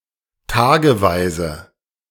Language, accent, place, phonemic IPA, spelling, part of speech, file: German, Germany, Berlin, /ˈtaːɡəˌvaɪ̯zə/, tageweise, adjective / adverb, De-tageweise.ogg
- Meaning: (adjective) daily